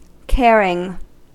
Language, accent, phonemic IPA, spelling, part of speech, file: English, US, /ˈkɛɹ.ɪŋ/, caring, adjective / verb / noun, En-us-caring.ogg
- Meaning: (adjective) Kind, sensitive, or empathetic; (verb) present participle and gerund of care; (noun) The act of one who cares